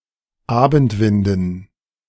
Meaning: dative plural of Abendwind
- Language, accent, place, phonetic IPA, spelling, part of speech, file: German, Germany, Berlin, [ˈaːbn̩tˌvɪndn̩], Abendwinden, noun, De-Abendwinden.ogg